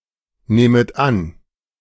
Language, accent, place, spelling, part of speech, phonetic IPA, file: German, Germany, Berlin, nehmet an, verb, [ˌneːmət ˈan], De-nehmet an.ogg
- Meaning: second-person plural subjunctive I of annehmen